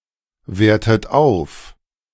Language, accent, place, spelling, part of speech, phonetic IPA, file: German, Germany, Berlin, wertet auf, verb, [ˌveːɐ̯tət ˈaʊ̯f], De-wertet auf.ogg
- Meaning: inflection of aufwerten: 1. third-person singular present 2. second-person plural present 3. second-person plural subjunctive I 4. plural imperative